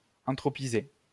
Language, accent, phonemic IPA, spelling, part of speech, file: French, France, /ɑ̃.tʁɔ.pi.ze/, anthropiser, verb, LL-Q150 (fra)-anthropiser.wav
- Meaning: to anthropize